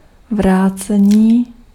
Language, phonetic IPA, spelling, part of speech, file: Czech, [ˈvraːt͡sɛɲiː], vrácení, noun, Cs-vrácení.ogg
- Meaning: 1. verbal noun of vrátit 2. return